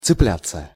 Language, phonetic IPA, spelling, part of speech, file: Russian, [t͡sɨˈplʲat͡sːə], цепляться, verb, Ru-цепляться.ogg
- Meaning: 1. to catch onto, to clutch at, to become attached to 2. to pick on, to find fault 3. passive of цепля́ть (cepljátʹ)